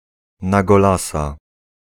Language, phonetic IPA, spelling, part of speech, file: Polish, [ˌna‿ɡɔˈlasa], na golasa, adverbial phrase, Pl-na golasa.ogg